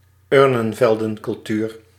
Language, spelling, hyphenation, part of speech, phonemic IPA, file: Dutch, urnenveldencultuur, ur‧nen‧vel‧den‧cul‧tuur, proper noun, /ˈʏr.nə(n).vɛl.də(n).kʏlˌtyːr/, Nl-urnenveldencultuur.ogg
- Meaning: the Urnfield culture